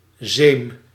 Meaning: 1. honey, in particular virgin honey 2. a cloth of chamois leather or a substitute, used for cleaning or sewn inside cycling shorts for comfort
- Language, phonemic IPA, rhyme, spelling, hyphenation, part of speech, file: Dutch, /zeːm/, -eːm, zeem, zeem, noun, Nl-zeem.ogg